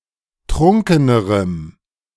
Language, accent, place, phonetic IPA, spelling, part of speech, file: German, Germany, Berlin, [ˈtʁʊŋkənəʁəm], trunkenerem, adjective, De-trunkenerem.ogg
- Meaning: strong dative masculine/neuter singular comparative degree of trunken